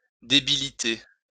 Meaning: to debilitate
- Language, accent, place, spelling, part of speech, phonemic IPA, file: French, France, Lyon, débiliter, verb, /de.bi.li.te/, LL-Q150 (fra)-débiliter.wav